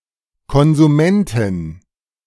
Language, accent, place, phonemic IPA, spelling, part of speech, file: German, Germany, Berlin, /kɔnzuˈmɛntɪn/, Konsumentin, noun, De-Konsumentin.ogg
- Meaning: female equivalent of Konsument (“consumer”)